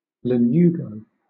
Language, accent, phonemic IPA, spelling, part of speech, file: English, Southern England, /ləˈnjuːɡəʊ/, lanugo, noun, LL-Q1860 (eng)-lanugo.wav
- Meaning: Soft down or fine hair, specifically that covering the human foetus or a tumorous area